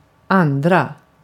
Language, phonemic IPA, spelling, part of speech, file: Swedish, /ˈanˌdra/, andra, adjective / pronoun, Sv-andra.ogg
- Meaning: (adjective) second; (pronoun) plural form and definite of annan: the other; (the) others